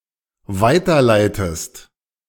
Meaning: inflection of weiterleiten: 1. second-person singular dependent present 2. second-person singular dependent subjunctive I
- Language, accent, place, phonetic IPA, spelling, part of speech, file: German, Germany, Berlin, [ˈvaɪ̯tɐˌlaɪ̯təst], weiterleitest, verb, De-weiterleitest.ogg